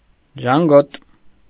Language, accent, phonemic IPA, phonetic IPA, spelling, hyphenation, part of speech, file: Armenian, Eastern Armenian, /ʒɑnˈɡot/, [ʒɑŋɡót], ժանգոտ, ժան‧գոտ, adjective, Hy-ժանգոտ.ogg
- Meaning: 1. rusty 2. gloomy 3. squeaky